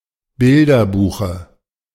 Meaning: dative singular of Bilderbuch
- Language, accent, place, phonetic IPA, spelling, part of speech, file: German, Germany, Berlin, [ˈbɪldɐˌbuːxə], Bilderbuche, noun, De-Bilderbuche.ogg